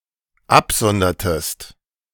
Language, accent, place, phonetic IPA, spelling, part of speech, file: German, Germany, Berlin, [ˈapˌzɔndɐtəst], absondertest, verb, De-absondertest.ogg
- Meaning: inflection of absondern: 1. second-person singular dependent preterite 2. second-person singular dependent subjunctive II